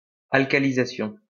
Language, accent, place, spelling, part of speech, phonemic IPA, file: French, France, Lyon, alcalisation, noun, /al.ka.li.za.sjɔ̃/, LL-Q150 (fra)-alcalisation.wav
- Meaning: alkalization